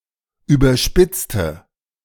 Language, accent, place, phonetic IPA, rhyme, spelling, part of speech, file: German, Germany, Berlin, [ˌyːbɐˈʃpɪt͡stə], -ɪt͡stə, überspitzte, adjective / verb, De-überspitzte.ogg
- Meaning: inflection of überspitzt: 1. strong/mixed nominative/accusative feminine singular 2. strong nominative/accusative plural 3. weak nominative all-gender singular